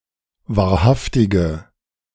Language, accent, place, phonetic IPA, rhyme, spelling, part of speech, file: German, Germany, Berlin, [vaːɐ̯ˈhaftɪɡə], -aftɪɡə, wahrhaftige, adjective, De-wahrhaftige.ogg
- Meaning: inflection of wahrhaftig: 1. strong/mixed nominative/accusative feminine singular 2. strong nominative/accusative plural 3. weak nominative all-gender singular